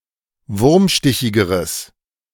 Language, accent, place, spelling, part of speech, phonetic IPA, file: German, Germany, Berlin, wurmstichigeres, adjective, [ˈvʊʁmˌʃtɪçɪɡəʁəs], De-wurmstichigeres.ogg
- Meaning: strong/mixed nominative/accusative neuter singular comparative degree of wurmstichig